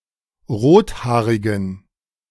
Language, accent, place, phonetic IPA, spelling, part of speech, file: German, Germany, Berlin, [ˈʁoːtˌhaːʁɪɡn̩], rothaarigen, adjective, De-rothaarigen.ogg
- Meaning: inflection of rothaarig: 1. strong genitive masculine/neuter singular 2. weak/mixed genitive/dative all-gender singular 3. strong/weak/mixed accusative masculine singular 4. strong dative plural